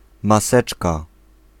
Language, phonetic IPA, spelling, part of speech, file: Polish, [maˈsɛt͡ʃka], maseczka, noun, Pl-maseczka.ogg